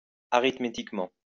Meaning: arithmetically (in an arithmetic manner)
- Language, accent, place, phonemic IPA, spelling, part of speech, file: French, France, Lyon, /a.ʁit.me.tik.mɑ̃/, arithmétiquement, adverb, LL-Q150 (fra)-arithmétiquement.wav